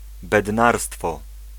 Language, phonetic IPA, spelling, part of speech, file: Polish, [bɛdˈnarstfɔ], bednarstwo, noun, Pl-bednarstwo.ogg